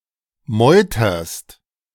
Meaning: second-person singular present of meutern
- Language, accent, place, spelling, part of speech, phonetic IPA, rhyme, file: German, Germany, Berlin, meuterst, verb, [ˈmɔɪ̯tɐst], -ɔɪ̯tɐst, De-meuterst.ogg